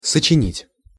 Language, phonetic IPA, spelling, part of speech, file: Russian, [sət͡ɕɪˈnʲitʲ], сочинить, verb, Ru-сочинить.ogg
- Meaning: 1. to write, to compose (text, music) 2. to make up (an unreal story or excuse), to invent, to fabricate, to lie